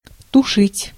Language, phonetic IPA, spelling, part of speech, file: Russian, [tʊˈʂɨtʲ], тушить, verb, Ru-тушить.ogg
- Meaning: 1. to extinguish, to put out 2. to turn off (light) 3. to quench 4. to suppress 5. to stew, to braise (in cooking)